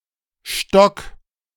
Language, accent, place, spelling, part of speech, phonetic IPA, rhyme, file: German, Germany, Berlin, Stöcke, noun, [ˈʃtœkə], -œkə, De-Stöcke.ogg
- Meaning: nominative/accusative/genitive plural of Stock